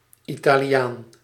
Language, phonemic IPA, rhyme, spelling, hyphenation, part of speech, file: Dutch, /ˌi.taː.liˈaːn/, -aːn, Italiaan, Ita‧li‧aan, noun, Nl-Italiaan.ogg
- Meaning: 1. an inhabitant of Italy 2. a person of Italian descent 3. something Italian, e.g. a restaurant